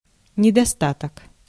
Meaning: 1. lack, deficiency, deficit, shortage (an insufficient quantity) 2. defect, drawback, flaw, fault (an unwanted quality)
- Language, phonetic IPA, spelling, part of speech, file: Russian, [nʲɪdɐˈstatək], недостаток, noun, Ru-недостаток.ogg